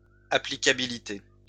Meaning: applicability
- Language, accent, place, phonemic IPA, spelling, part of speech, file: French, France, Lyon, /a.pli.ka.bi.li.te/, applicabilité, noun, LL-Q150 (fra)-applicabilité.wav